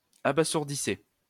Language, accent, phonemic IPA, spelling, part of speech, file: French, France, /a.ba.zuʁ.di.sɛ/, abasourdissait, verb, LL-Q150 (fra)-abasourdissait.wav
- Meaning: third-person singular imperfect indicative of abasourdir